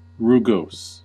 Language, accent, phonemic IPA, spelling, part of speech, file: English, US, /ˌɹuːˈɡoʊs/, rugose, adjective, En-us-rugose.ogg
- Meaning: 1. Having rugae or wrinkles, creases, ridges, or corrugation 2. Rugged, rough, unrefined